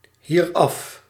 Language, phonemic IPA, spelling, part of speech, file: Dutch, /ˈhirɑf/, hieraf, adverb, Nl-hieraf.ogg
- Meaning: pronominal adverb form of af + dit